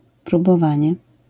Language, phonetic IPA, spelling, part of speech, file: Polish, [ˌprubɔˈvãɲɛ], próbowanie, noun, LL-Q809 (pol)-próbowanie.wav